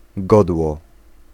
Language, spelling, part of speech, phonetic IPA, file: Polish, godło, noun, [ˈɡɔdwɔ], Pl-godło.ogg